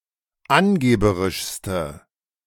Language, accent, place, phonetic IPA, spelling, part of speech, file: German, Germany, Berlin, [ˈanˌɡeːbəʁɪʃstə], angeberischste, adjective, De-angeberischste.ogg
- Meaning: inflection of angeberisch: 1. strong/mixed nominative/accusative feminine singular superlative degree 2. strong nominative/accusative plural superlative degree